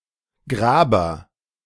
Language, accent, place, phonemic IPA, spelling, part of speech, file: German, Germany, Berlin, /ˈɡʁaːbɐ/, Graber, noun / proper noun, De-Graber.ogg
- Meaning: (noun) alternative form of Gräber: digger; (proper noun) a surname